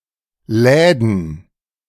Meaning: plural of Laden
- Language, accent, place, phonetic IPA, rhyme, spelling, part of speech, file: German, Germany, Berlin, [ˈlɛːdn̩], -ɛːdn̩, Läden, noun, De-Läden.ogg